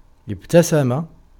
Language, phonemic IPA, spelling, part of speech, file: Arabic, /ib.ta.sa.ma/, ابتسم, verb, Ar-ابتسم.ogg
- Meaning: to smile, to give somebody a friendly smile